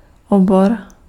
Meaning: 1. discipline (specific branch of knowledge or learning) 2. genitive plural of obora
- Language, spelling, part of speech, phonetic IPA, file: Czech, obor, noun, [ˈobor], Cs-obor.ogg